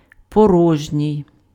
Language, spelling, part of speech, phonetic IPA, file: Ukrainian, порожній, adjective, [pɔˈrɔʒnʲii̯], Uk-порожній.ogg
- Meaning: 1. empty 2. hollow